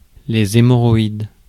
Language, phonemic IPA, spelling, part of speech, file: French, /e.mɔ.ʁɔ.id/, hémorroïdes, noun, Fr-hémorroïdes.ogg
- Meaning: plural of hémorroïde